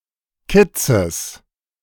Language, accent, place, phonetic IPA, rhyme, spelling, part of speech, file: German, Germany, Berlin, [ˈkɪt͡səs], -ɪt͡səs, Kitzes, noun, De-Kitzes.ogg
- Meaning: genitive singular of Kitz